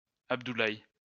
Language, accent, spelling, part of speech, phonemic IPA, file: French, France, Abdoulaye, proper noun, /ab.du.laj/, LL-Q150 (fra)-Abdoulaye.wav
- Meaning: a male given name from Arabic, widely used in Islamic West Africa